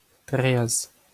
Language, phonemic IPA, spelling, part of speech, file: Breton, /tʁɛs/, traezh, noun, LL-Q12107 (bre)-traezh.wav
- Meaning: sand